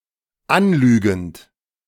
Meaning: present participle of anlügen
- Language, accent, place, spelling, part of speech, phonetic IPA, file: German, Germany, Berlin, anlügend, verb, [ˈanˌlyːɡn̩t], De-anlügend.ogg